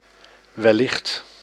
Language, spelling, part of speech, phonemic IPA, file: Dutch, wellicht, adverb, /ʋɛˈlɪxt/, Nl-wellicht.ogg
- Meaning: 1. possibly, perhaps 2. probably, likely